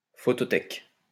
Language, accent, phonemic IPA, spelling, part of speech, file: French, France, /fɔ.tɔ.tɛk/, photothèque, noun, LL-Q150 (fra)-photothèque.wav
- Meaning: photo library